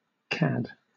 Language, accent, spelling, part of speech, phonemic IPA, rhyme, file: English, Southern England, cad, noun, /kæd/, -æd, LL-Q1860 (eng)-cad.wav
- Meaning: A low-bred, presuming person; a mean, vulgar fellow, especially one that cannot be trusted with a lady